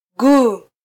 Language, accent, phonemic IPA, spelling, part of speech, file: Swahili, Kenya, /ˈɠuː/, guu, noun, Sw-ke-guu.flac
- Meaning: alternative form of mguu